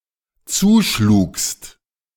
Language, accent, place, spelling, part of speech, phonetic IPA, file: German, Germany, Berlin, zuschlugst, verb, [ˈt͡suːˌʃluːkst], De-zuschlugst.ogg
- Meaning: second-person singular dependent preterite of zuschlagen